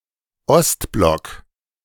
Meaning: Eastern Bloc
- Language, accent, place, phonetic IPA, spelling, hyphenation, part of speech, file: German, Germany, Berlin, [ˈɔstblɔk], Ostblock, Ost‧block, proper noun, De-Ostblock.ogg